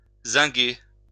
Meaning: to zinc, to cover or galvanize with zinc
- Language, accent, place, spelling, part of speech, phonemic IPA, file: French, France, Lyon, zinguer, verb, /zɛ̃.ɡe/, LL-Q150 (fra)-zinguer.wav